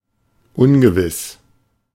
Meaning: uncertain
- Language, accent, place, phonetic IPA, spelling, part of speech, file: German, Germany, Berlin, [ˈʔʊnɡəvɪs], ungewiss, adjective, De-ungewiss.ogg